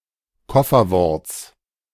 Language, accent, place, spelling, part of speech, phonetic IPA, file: German, Germany, Berlin, Kofferworts, noun, [ˈkɔfɐˌvɔʁt͡s], De-Kofferworts.ogg
- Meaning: genitive of Kofferwort